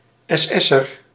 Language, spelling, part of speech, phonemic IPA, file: Dutch, SS'er, noun, /ɛsˈɛsər/, Nl-SS'er.ogg
- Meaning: SS member